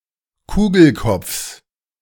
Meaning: genitive singular of Kugelkopf
- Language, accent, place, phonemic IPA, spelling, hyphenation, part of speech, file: German, Germany, Berlin, /ˈkuːɡl̩ˌkɔp͡fs/, Kugelkopfs, Ku‧gel‧kopfs, noun, De-Kugelkopfs.ogg